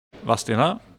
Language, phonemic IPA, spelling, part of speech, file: Swedish, /ˈvasːˌteːna/, Vadstena, proper noun, Sv-Vadstena.ogg
- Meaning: a town in Östergötland, in central Sweden